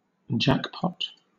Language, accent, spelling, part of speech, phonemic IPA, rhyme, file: English, Southern England, jackpot, noun / verb, /ˈd͡ʒækpɒt/, -ækpɒt, LL-Q1860 (eng)-jackpot.wav
- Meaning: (noun) 1. A money prize pool which accumulates until the conditions are met for it to be won 2. A large cash prize or money 3. An unexpected windfall or reward